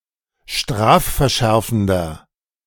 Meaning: inflection of strafverschärfend: 1. strong/mixed nominative masculine singular 2. strong genitive/dative feminine singular 3. strong genitive plural
- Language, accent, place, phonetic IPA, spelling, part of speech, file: German, Germany, Berlin, [ˈʃtʁaːffɛɐ̯ˌʃɛʁfn̩dɐ], strafverschärfender, adjective, De-strafverschärfender.ogg